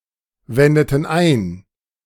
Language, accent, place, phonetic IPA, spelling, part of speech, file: German, Germany, Berlin, [ˌvɛndətn̩ ˈaɪ̯n], wendeten ein, verb, De-wendeten ein.ogg
- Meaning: inflection of einwenden: 1. first/third-person plural preterite 2. first/third-person plural subjunctive II